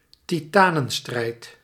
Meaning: a titanic fight, a struggle between titans
- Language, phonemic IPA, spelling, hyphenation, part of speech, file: Dutch, /tiˈtaː.nə(n)ˌstrɛi̯t/, titanenstrijd, ti‧ta‧nen‧strijd, noun, Nl-titanenstrijd.ogg